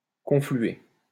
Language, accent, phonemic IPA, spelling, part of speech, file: French, France, /kɔ̃.fly.e/, confluer, verb, LL-Q150 (fra)-confluer.wav
- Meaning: 1. to join, flow into (another river) 2. to flood together, to converge